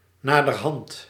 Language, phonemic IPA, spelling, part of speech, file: Dutch, /ˌnadərˈhɑnt/, naderhand, adverb, Nl-naderhand.ogg
- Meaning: afterwards